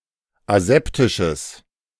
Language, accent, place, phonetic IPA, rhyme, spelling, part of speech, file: German, Germany, Berlin, [aˈzɛptɪʃəs], -ɛptɪʃəs, aseptisches, adjective, De-aseptisches.ogg
- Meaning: strong/mixed nominative/accusative neuter singular of aseptisch